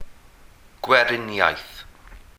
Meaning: republic
- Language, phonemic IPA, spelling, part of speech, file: Welsh, /ɡwɛˈrɪnjai̯θ/, gweriniaeth, noun, Cy-gweriniaeth.ogg